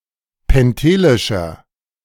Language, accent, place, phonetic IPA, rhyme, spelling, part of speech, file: German, Germany, Berlin, [pɛnˈteːlɪʃɐ], -eːlɪʃɐ, pentelischer, adjective, De-pentelischer.ogg
- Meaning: inflection of pentelisch: 1. strong/mixed nominative masculine singular 2. strong genitive/dative feminine singular 3. strong genitive plural